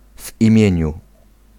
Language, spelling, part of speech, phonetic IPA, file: Polish, w imieniu, prepositional phrase, [v‿ĩˈmʲjɛ̇̃ɲu], Pl-w imieniu.ogg